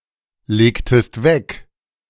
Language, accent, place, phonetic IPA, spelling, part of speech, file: German, Germany, Berlin, [ˌleːktəst ˈvɛk], legtest weg, verb, De-legtest weg.ogg
- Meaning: inflection of weglegen: 1. second-person singular preterite 2. second-person singular subjunctive II